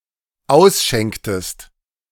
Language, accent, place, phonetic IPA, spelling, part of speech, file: German, Germany, Berlin, [ˈaʊ̯sˌʃɛŋktəst], ausschenktest, verb, De-ausschenktest.ogg
- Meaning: inflection of ausschenken: 1. second-person singular dependent preterite 2. second-person singular dependent subjunctive II